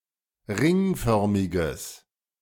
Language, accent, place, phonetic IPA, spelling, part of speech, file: German, Germany, Berlin, [ˈʁɪŋˌfœʁmɪɡəs], ringförmiges, adjective, De-ringförmiges.ogg
- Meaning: strong/mixed nominative/accusative neuter singular of ringförmig